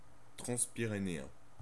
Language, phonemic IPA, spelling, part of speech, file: French, /tʁɑ̃s.pi.ʁe.ne.ɛ̃/, transpyrénéen, adjective, Fr-transpyrénéen.ogg
- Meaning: transpyrenean